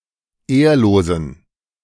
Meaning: inflection of ehrlos: 1. strong genitive masculine/neuter singular 2. weak/mixed genitive/dative all-gender singular 3. strong/weak/mixed accusative masculine singular 4. strong dative plural
- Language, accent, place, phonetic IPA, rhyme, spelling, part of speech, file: German, Germany, Berlin, [ˈeːɐ̯loːzn̩], -eːɐ̯loːzn̩, ehrlosen, adjective, De-ehrlosen.ogg